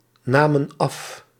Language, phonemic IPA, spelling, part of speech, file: Dutch, /ˈnamə(n) ˈɑf/, namen af, verb, Nl-namen af.ogg
- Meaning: inflection of afnemen: 1. plural past indicative 2. plural past subjunctive